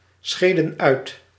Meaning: inflection of uitscheiden: 1. plural past indicative 2. plural past subjunctive
- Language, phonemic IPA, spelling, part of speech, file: Dutch, /ˌsxeːdə(n)ˈœy̯t/, scheden uit, verb, Nl-scheden uit.ogg